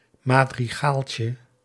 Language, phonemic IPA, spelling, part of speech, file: Dutch, /ˌmadriˈɣalcə/, madrigaaltje, noun, Nl-madrigaaltje.ogg
- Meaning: diminutive of madrigaal